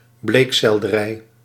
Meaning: celery, a cultivar derived from wild celery cultivated for its stems (Apium graveolens var. dulce)
- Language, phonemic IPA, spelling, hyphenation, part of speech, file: Dutch, /ˈbleːk.sɛl.dəˌrɛi̯/, bleekselderij, bleek‧sel‧de‧rij, noun, Nl-bleekselderij.ogg